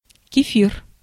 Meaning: kefir (a yogurt-like beverage made from fermented cows' milk)
- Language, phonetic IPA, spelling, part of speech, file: Russian, [kʲɪˈfʲir], кефир, noun, Ru-кефир.ogg